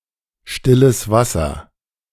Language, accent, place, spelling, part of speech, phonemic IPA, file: German, Germany, Berlin, stilles Wasser, noun, /ˌʃtɪləs ˈvasɐ/, De-stilles Wasser.ogg
- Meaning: still water